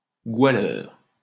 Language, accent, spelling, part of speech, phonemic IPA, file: French, France, goualeur, noun, /ɡwa.lœʁ/, LL-Q150 (fra)-goualeur.wav
- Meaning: singer